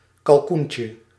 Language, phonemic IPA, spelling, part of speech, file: Dutch, /kɑlˈkuɲcə/, kalkoentje, noun, Nl-kalkoentje.ogg
- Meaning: diminutive of kalkoen